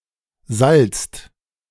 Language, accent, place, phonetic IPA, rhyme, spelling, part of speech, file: German, Germany, Berlin, [zalt͡st], -alt͡st, salzt, verb, De-salzt.ogg
- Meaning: inflection of salzen: 1. second/third-person singular present 2. second-person plural present 3. plural imperative